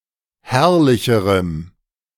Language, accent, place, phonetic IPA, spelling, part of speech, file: German, Germany, Berlin, [ˈhɛʁlɪçəʁəm], herrlicherem, adjective, De-herrlicherem.ogg
- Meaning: strong dative masculine/neuter singular comparative degree of herrlich